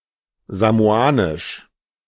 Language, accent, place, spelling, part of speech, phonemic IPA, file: German, Germany, Berlin, samoanisch, adjective, /ˌzamoˈaːnɪʃ/, De-samoanisch.ogg
- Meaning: Samoan